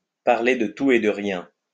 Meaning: to make small talk, to chit-chat
- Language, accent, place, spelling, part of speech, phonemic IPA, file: French, France, Lyon, parler de tout et de rien, verb, /paʁ.le də tu e də ʁjɛ̃/, LL-Q150 (fra)-parler de tout et de rien.wav